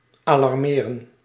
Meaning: 1. to alarm, bring in a state of alert, warn, notably by means of an alarm signal 2. to alarm, disquiet, disturb
- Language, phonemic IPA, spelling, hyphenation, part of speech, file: Dutch, /aːlɑrˈmeːrə(n)/, alarmeren, alar‧me‧ren, verb, Nl-alarmeren.ogg